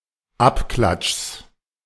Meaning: genitive singular of Abklatsch
- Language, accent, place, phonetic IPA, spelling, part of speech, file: German, Germany, Berlin, [ˈapˌklatʃs], Abklatschs, noun, De-Abklatschs.ogg